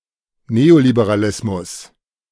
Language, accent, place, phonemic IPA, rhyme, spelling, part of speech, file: German, Germany, Berlin, /ˌneolibeʁaˈlɪsmʊs/, -ɪsmʊs, Neoliberalismus, noun, De-Neoliberalismus.ogg
- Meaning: neoliberalism